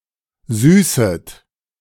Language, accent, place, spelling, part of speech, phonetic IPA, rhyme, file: German, Germany, Berlin, süßet, verb, [ˈzyːsət], -yːsət, De-süßet.ogg
- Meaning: second-person plural subjunctive I of süßen